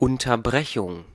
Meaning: 1. interruption 2. interrupt
- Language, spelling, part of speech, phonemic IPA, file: German, Unterbrechung, noun, /ˌʊntɐˈbʁɛçʊŋ/, De-Unterbrechung.ogg